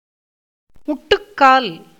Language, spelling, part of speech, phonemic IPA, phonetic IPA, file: Tamil, முட்டுக்கால், noun, /mʊʈːʊkːɑːl/, [mʊʈːʊkːäːl], Ta-முட்டுக்கால்.ogg
- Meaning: 1. support, pedestal, prop, beam, crutch 2. patella, kneecap